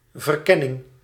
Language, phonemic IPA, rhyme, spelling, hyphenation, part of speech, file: Dutch, /vərˈkɛ.nɪŋ/, -ɛnɪŋ, verkenning, ver‧ken‧ning, noun, Nl-verkenning.ogg
- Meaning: 1. exploration 2. reconnaissance